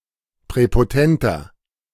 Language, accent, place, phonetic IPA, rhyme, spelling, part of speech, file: German, Germany, Berlin, [pʁɛpoˈtɛntɐ], -ɛntɐ, präpotenter, adjective, De-präpotenter.ogg
- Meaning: 1. comparative degree of präpotent 2. inflection of präpotent: strong/mixed nominative masculine singular 3. inflection of präpotent: strong genitive/dative feminine singular